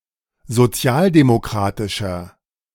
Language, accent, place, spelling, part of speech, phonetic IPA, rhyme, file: German, Germany, Berlin, sozialdemokratischer, adjective, [zoˈt͡si̯aːldemoˌkʁaːtɪʃɐ], -aːldemokʁaːtɪʃɐ, De-sozialdemokratischer.ogg
- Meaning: inflection of sozialdemokratisch: 1. strong/mixed nominative masculine singular 2. strong genitive/dative feminine singular 3. strong genitive plural